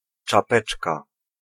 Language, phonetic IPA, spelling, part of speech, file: Polish, [t͡ʃaˈpɛt͡ʃka], czapeczka, noun, Pl-czapeczka.ogg